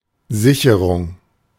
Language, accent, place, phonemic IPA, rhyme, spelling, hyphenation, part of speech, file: German, Germany, Berlin, /ˈzɪçəʁʊŋ/, -əʁʊŋ, Sicherung, Si‧che‧rung, noun, De-Sicherung.ogg
- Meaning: 1. fuse (device preventing overloading of a circuit) 2. securing, safeguarding